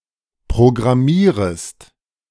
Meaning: second-person singular subjunctive I of programmieren
- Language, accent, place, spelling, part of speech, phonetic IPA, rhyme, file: German, Germany, Berlin, programmierest, verb, [pʁoɡʁaˈmiːʁəst], -iːʁəst, De-programmierest.ogg